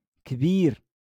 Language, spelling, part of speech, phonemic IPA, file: Moroccan Arabic, كبير, adjective, /kbiːr/, LL-Q56426 (ary)-كبير.wav
- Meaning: 1. big 2. great 3. old (for a person)